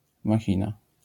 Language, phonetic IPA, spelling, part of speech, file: Polish, [maˈxʲĩna], machina, noun, LL-Q809 (pol)-machina.wav